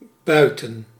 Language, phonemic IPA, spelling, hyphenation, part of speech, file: Dutch, /ˈbœy̯.tə(n)/, buiten, bui‧ten, adverb / preposition / noun, Nl-buiten.ogg
- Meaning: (adverb) outside; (preposition) outside, out of; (noun) a mansion and its surrounding estate in the countryside